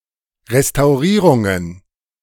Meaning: plural of Restaurierung
- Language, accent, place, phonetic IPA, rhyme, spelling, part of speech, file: German, Germany, Berlin, [ʁestaʊ̯ˈʁiːʁʊŋən], -iːʁʊŋən, Restaurierungen, noun, De-Restaurierungen.ogg